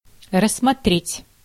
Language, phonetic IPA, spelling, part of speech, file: Russian, [rəsːmɐˈtrʲetʲ], рассмотреть, verb, Ru-рассмотреть.ogg
- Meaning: 1. to look at, to peruse, to examine 2. to regard, to consider